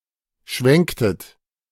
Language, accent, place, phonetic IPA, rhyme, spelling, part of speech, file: German, Germany, Berlin, [ˈʃvɛŋktət], -ɛŋktət, schwenktet, verb, De-schwenktet.ogg
- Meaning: inflection of schwenken: 1. second-person plural preterite 2. second-person plural subjunctive II